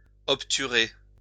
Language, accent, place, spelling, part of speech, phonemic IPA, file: French, France, Lyon, obturer, verb, /ɔp.ty.ʁe/, LL-Q150 (fra)-obturer.wav
- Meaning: 1. to seal, close up 2. to hide